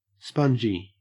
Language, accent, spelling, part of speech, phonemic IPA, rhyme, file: English, Australia, spongy, adjective, /ˈspʌnd͡ʒi/, -ʌndʒi, En-au-spongy.ogg
- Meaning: 1. Having the characteristics of a sponge, namely being absorbent, squishy or porous 2. Wet; drenched; soaked and soft, like sponge; rainy 3. Drunk